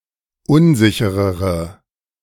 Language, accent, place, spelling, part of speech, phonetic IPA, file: German, Germany, Berlin, unsicherere, adjective, [ˈʊnˌzɪçəʁəʁə], De-unsicherere.ogg
- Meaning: inflection of unsicher: 1. strong/mixed nominative/accusative feminine singular comparative degree 2. strong nominative/accusative plural comparative degree